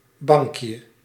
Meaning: diminutive of bank
- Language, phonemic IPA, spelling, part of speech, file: Dutch, /ˈbɑŋkjə/, bankje, noun, Nl-bankje.ogg